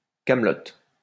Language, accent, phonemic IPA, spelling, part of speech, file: French, France, /kam.lɔt/, camelote, noun, LL-Q150 (fra)-camelote.wav
- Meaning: poor quality goods; junk, rubbish, tat